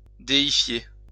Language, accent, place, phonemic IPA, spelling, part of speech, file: French, France, Lyon, /de.i.fje/, déifier, verb, LL-Q150 (fra)-déifier.wav
- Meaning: to deify